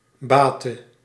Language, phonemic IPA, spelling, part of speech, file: Dutch, /ˈbatə/, bate, noun / verb, Nl-bate.ogg
- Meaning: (verb) singular present subjunctive of baten; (noun) dative singular of baat